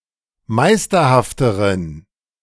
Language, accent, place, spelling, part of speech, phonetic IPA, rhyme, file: German, Germany, Berlin, meisterhafteren, adjective, [ˈmaɪ̯stɐhaftəʁən], -aɪ̯stɐhaftəʁən, De-meisterhafteren.ogg
- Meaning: inflection of meisterhaft: 1. strong genitive masculine/neuter singular comparative degree 2. weak/mixed genitive/dative all-gender singular comparative degree